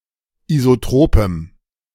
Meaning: strong dative masculine/neuter singular of isotrop
- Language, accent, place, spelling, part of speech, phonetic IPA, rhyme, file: German, Germany, Berlin, isotropem, adjective, [izoˈtʁoːpəm], -oːpəm, De-isotropem.ogg